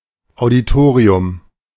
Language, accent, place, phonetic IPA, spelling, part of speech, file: German, Germany, Berlin, [aʊ̯diˈtoːʁiʊm], Auditorium, noun, De-Auditorium.ogg
- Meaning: auditorium (usually in the context of universities or scholarly lectures)